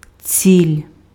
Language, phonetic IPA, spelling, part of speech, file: Ukrainian, [t͡sʲilʲ], ціль, noun, Uk-ціль.ogg
- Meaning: 1. target, aim 2. target, aim: A butt or mark to shoot at 3. objective, goal